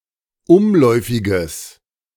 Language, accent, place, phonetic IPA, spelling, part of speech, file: German, Germany, Berlin, [ˈʊmˌlɔɪ̯fɪɡəs], umläufiges, adjective, De-umläufiges.ogg
- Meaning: strong/mixed nominative/accusative neuter singular of umläufig